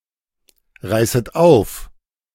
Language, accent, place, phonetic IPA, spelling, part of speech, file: German, Germany, Berlin, [ˌʁaɪ̯sət ˈaʊ̯f], reißet auf, verb, De-reißet auf.ogg
- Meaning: second-person plural subjunctive I of aufreißen